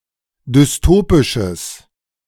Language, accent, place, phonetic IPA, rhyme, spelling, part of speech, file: German, Germany, Berlin, [dʏsˈtoːpɪʃəs], -oːpɪʃəs, dystopisches, adjective, De-dystopisches.ogg
- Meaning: strong/mixed nominative/accusative neuter singular of dystopisch